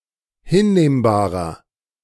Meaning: inflection of hinnehmbar: 1. strong/mixed nominative masculine singular 2. strong genitive/dative feminine singular 3. strong genitive plural
- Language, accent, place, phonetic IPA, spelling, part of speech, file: German, Germany, Berlin, [ˈhɪnˌneːmbaːʁɐ], hinnehmbarer, adjective, De-hinnehmbarer.ogg